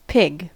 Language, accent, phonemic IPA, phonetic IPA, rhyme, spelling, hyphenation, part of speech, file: English, US, /ˈpɪɡ/, [ˈpʰɪɡ], -ɪɡ, pig, pig, noun / verb, En-us-pig.ogg
- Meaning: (noun) Any of several mammalian species of the family Suidae, having cloven hooves, bristles and a snout adapted for digging; especially the domesticated animal Sus domesticus